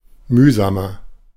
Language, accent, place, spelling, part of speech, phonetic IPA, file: German, Germany, Berlin, mühsamer, adjective, [ˈmyːzaːmɐ], De-mühsamer.ogg
- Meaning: 1. comparative degree of mühsam 2. inflection of mühsam: strong/mixed nominative masculine singular 3. inflection of mühsam: strong genitive/dative feminine singular